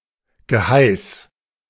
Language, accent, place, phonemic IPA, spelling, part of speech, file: German, Germany, Berlin, /ɡəˈhaɪ̯s/, Geheiß, noun, De-Geheiß.ogg
- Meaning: behest, command